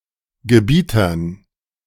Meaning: dative plural of Gebieter
- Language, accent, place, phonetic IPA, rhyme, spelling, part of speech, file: German, Germany, Berlin, [ɡəˈbiːtɐn], -iːtɐn, Gebietern, noun, De-Gebietern.ogg